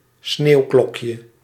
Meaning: 1. snowdrop, flower of the genus Galanthus 2. synonym of gewoon sneeuwklokje (“common snowdrop (Galanthus nivalis)”)
- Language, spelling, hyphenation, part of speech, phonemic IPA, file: Dutch, sneeuwklokje, sneeuw‧klok‧je, noun, /ˈsneːu̯ˌklɔk.jə/, Nl-sneeuwklokje.ogg